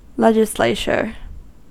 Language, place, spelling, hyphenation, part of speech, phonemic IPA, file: English, California, legislature, le‧gis‧la‧ture, noun, /ˈlɛd͡ʒɪˌsleɪt͡ʃɚ/, En-us-legislature.ogg
- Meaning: A governmental body with the power to make, amend and repeal laws